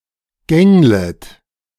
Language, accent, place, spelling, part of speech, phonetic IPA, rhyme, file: German, Germany, Berlin, gänglest, verb, [ˈɡɛŋləst], -ɛŋləst, De-gänglest.ogg
- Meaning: second-person singular subjunctive I of gängeln